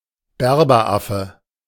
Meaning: Barbary macaque
- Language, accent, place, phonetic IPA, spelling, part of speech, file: German, Germany, Berlin, [ˈbɛʁbɐˌʔafə], Berberaffe, noun, De-Berberaffe.ogg